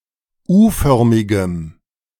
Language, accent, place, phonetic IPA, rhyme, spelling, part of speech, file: German, Germany, Berlin, [ˈuːˌfœʁmɪɡəm], -uːfœʁmɪɡəm, U-förmigem, adjective, De-U-förmigem.ogg
- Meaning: strong dative masculine/neuter singular of U-förmig